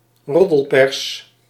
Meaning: gossip press (gossip magazines, tabloids, etc.)
- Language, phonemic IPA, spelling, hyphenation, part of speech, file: Dutch, /ˈrɔ.dəlˌpɛrs/, roddelpers, rod‧del‧pers, noun, Nl-roddelpers.ogg